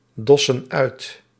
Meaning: inflection of uitdossen: 1. plural present indicative 2. plural present subjunctive
- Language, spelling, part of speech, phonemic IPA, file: Dutch, dossen uit, verb, /ˈdɔsə(n) ˈœyt/, Nl-dossen uit.ogg